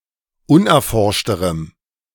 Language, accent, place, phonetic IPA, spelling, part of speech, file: German, Germany, Berlin, [ˈʊnʔɛɐ̯ˌfɔʁʃtəʁəm], unerforschterem, adjective, De-unerforschterem.ogg
- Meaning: strong dative masculine/neuter singular comparative degree of unerforscht